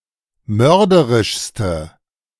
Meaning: inflection of mörderisch: 1. strong/mixed nominative/accusative feminine singular superlative degree 2. strong nominative/accusative plural superlative degree
- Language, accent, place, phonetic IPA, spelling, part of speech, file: German, Germany, Berlin, [ˈmœʁdəʁɪʃstə], mörderischste, adjective, De-mörderischste.ogg